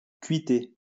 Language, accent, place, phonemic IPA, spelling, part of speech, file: French, France, Lyon, /kɥi.te/, cuiter, verb, LL-Q150 (fra)-cuiter.wav
- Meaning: to get smashed, to get wasted (very drunk)